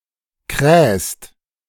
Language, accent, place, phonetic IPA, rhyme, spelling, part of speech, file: German, Germany, Berlin, [kʁɛːst], -ɛːst, krähst, verb, De-krähst.ogg
- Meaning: second-person singular present of krähen